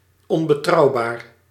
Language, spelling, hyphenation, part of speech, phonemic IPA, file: Dutch, onbetrouwbaar, on‧be‧trouw‧baar, adjective, /ˌɔn.bəˈtrɑu̯ˌbaːr/, Nl-onbetrouwbaar.ogg
- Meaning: unreliable, untrustworthy